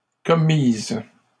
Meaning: feminine plural of commis
- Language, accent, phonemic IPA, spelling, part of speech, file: French, Canada, /kɔ.miz/, commises, verb, LL-Q150 (fra)-commises.wav